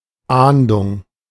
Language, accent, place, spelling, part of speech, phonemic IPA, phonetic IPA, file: German, Germany, Berlin, Ahndung, noun, /ˈaːndʊŋ/, [ˈʔaːndʊŋ], De-Ahndung.ogg
- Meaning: 1. punishment 2. Ahnung: premonition